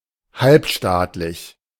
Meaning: semipublic
- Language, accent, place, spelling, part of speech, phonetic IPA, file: German, Germany, Berlin, halbstaatlich, adjective, [ˈhalpˌʃtaːtlɪç], De-halbstaatlich.ogg